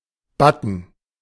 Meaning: 1. button 2. badge, button (badge worn on clothes)
- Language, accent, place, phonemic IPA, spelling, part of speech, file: German, Germany, Berlin, /ˈbatn̩/, Button, noun, De-Button.ogg